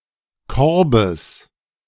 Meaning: genitive singular of Korb
- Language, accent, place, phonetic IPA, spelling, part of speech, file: German, Germany, Berlin, [ˈkɔʁbəs], Korbes, noun, De-Korbes.ogg